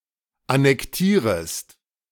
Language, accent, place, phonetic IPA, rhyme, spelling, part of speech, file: German, Germany, Berlin, [anɛkˈtiːʁəst], -iːʁəst, annektierest, verb, De-annektierest.ogg
- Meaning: second-person singular subjunctive I of annektieren